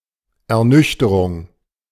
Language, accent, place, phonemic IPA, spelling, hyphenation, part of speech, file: German, Germany, Berlin, /ɛɐ̯ˈnʏçtəʁʊŋ/, Ernüchterung, Er‧nüch‧te‧rung, noun, De-Ernüchterung.ogg
- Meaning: disillusionment, sobering experience